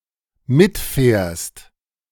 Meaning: second-person singular dependent present of mitfahren
- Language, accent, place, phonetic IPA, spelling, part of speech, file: German, Germany, Berlin, [ˈmɪtˌfɛːɐ̯st], mitfährst, verb, De-mitfährst.ogg